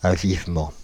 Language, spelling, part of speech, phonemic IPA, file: French, avivement, noun, /a.viv.mɑ̃/, Fr-avivement.ogg
- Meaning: brightening